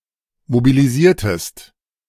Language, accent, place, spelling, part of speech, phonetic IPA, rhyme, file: German, Germany, Berlin, mobilisiertest, verb, [mobiliˈziːɐ̯təst], -iːɐ̯təst, De-mobilisiertest.ogg
- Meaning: inflection of mobilisieren: 1. second-person singular preterite 2. second-person singular subjunctive II